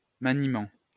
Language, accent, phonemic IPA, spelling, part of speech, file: French, France, /ma.ni.mɑ̃/, maniement, noun, LL-Q150 (fra)-maniement.wav
- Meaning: manipulation, handling